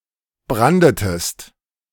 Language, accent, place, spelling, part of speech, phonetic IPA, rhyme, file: German, Germany, Berlin, brandetest, verb, [ˈbʁandətəst], -andətəst, De-brandetest.ogg
- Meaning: inflection of branden: 1. second-person singular preterite 2. second-person singular subjunctive II